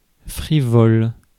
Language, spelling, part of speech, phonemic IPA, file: French, frivole, adjective, /fʁi.vɔl/, Fr-frivole.ogg
- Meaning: vain; conceited